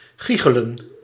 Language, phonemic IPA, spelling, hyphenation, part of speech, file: Dutch, /ˈɣi.xə.lə(n)/, giechelen, gie‧che‧len, verb, Nl-giechelen.ogg
- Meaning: to giggle